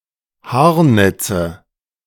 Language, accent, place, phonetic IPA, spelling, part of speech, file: German, Germany, Berlin, [ˈhaːɐ̯ˌnɛt͡sə], Haarnetze, noun, De-Haarnetze.ogg
- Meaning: nominative/accusative/genitive plural of Haarnetz